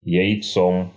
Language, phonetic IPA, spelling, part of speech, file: Russian, [(j)ɪjˈt͡som], яйцом, noun, Ru-яйцом.ogg
- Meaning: instrumental singular of яйцо́ (jajcó)